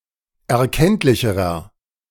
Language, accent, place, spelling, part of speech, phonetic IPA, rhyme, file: German, Germany, Berlin, erkenntlicherer, adjective, [ɛɐ̯ˈkɛntlɪçəʁɐ], -ɛntlɪçəʁɐ, De-erkenntlicherer.ogg
- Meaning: inflection of erkenntlich: 1. strong/mixed nominative masculine singular comparative degree 2. strong genitive/dative feminine singular comparative degree 3. strong genitive plural comparative degree